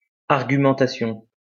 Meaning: argument (process of reasoning)
- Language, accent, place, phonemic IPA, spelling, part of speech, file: French, France, Lyon, /aʁ.ɡy.mɑ̃.ta.sjɔ̃/, argumentation, noun, LL-Q150 (fra)-argumentation.wav